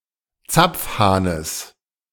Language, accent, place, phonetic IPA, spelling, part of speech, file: German, Germany, Berlin, [ˈt͡sap͡fˌhaːnəs], Zapfhahnes, noun, De-Zapfhahnes.ogg
- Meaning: genitive singular of Zapfhahn